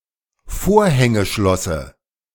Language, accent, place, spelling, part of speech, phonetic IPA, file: German, Germany, Berlin, Vorhängeschlosse, noun, [ˈfoːɐ̯hɛŋəˌʃlɔsə], De-Vorhängeschlosse.ogg
- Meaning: dative of Vorhängeschloss